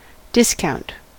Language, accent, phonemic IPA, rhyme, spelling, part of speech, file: English, US, /ˈdɪskaʊnt/, -aʊnt, discount, noun / adjective, En-us-discount.ogg
- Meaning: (noun) 1. A reduction in price 2. A deduction made for interest, in advancing money upon, or purchasing, a bill or note not due; payment in advance of interest upon money